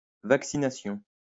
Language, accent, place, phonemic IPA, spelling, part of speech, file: French, France, Lyon, /vak.si.na.sjɔ̃/, vaccination, noun, LL-Q150 (fra)-vaccination.wav
- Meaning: vaccination